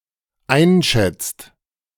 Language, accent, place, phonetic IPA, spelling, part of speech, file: German, Germany, Berlin, [ˈaɪ̯nˌʃɛt͡st], einschätzt, verb, De-einschätzt.ogg
- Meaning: inflection of einschätzen: 1. second/third-person singular dependent present 2. second-person plural dependent present